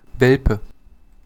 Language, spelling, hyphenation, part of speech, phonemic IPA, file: German, Welpe, Wel‧pe, noun, /ˈvɛlpə/, De-Welpe.ogg
- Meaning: 1. puppy (male or of unspecified gender) (young dog) 2. cub (male or of unspecified gender) (young of several wild animals)